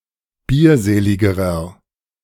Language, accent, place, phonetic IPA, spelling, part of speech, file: German, Germany, Berlin, [ˈbiːɐ̯ˌzeːlɪɡəʁɐ], bierseligerer, adjective, De-bierseligerer.ogg
- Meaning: inflection of bierselig: 1. strong/mixed nominative masculine singular comparative degree 2. strong genitive/dative feminine singular comparative degree 3. strong genitive plural comparative degree